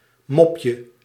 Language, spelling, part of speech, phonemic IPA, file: Dutch, mopje, noun, /ˈmɔpjə/, Nl-mopje.ogg
- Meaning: diminutive of mop